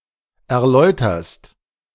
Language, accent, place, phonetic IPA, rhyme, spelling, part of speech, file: German, Germany, Berlin, [ɛɐ̯ˈlɔɪ̯tɐst], -ɔɪ̯tɐst, erläuterst, verb, De-erläuterst.ogg
- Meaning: second-person singular present of erläutern